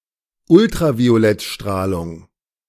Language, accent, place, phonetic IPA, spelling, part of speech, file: German, Germany, Berlin, [ˈʊltʁavi̯olɛtˌʃtʁaːlʊŋ], Ultraviolettstrahlung, noun, De-Ultraviolettstrahlung.ogg
- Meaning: ultraviolet radiation